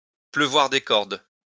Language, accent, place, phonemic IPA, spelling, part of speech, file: French, France, Lyon, /plø.vwaʁ de kɔʁd/, pleuvoir des cordes, verb, LL-Q150 (fra)-pleuvoir des cordes.wav
- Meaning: to rain cats and dogs (to rain heavily)